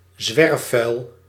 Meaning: litter (discarded items, stray rubbish)
- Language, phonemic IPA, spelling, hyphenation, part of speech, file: Dutch, /ˈzʋɛr.fœy̯l/, zwerfvuil, zwerf‧vuil, noun, Nl-zwerfvuil.ogg